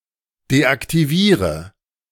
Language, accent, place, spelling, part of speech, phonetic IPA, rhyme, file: German, Germany, Berlin, deaktiviere, verb, [deʔaktiˈviːʁə], -iːʁə, De-deaktiviere.ogg
- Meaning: inflection of deaktivieren: 1. first-person singular present 2. singular imperative 3. first/third-person singular subjunctive I